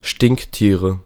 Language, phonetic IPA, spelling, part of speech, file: German, [ˈʃtɪŋkˌtiːʁə], Stinktiere, noun, De-Stinktiere.ogg
- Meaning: nominative/accusative/genitive plural of Stinktier